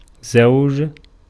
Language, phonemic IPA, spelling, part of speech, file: Arabic, /zawd͡ʒ/, زوج, noun, Ar-زوج.ogg
- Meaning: 1. one of a pair 2. spouse, mate, partner: husband 3. spouse, mate, partner: wife 4. a pair or couple 5. kind, type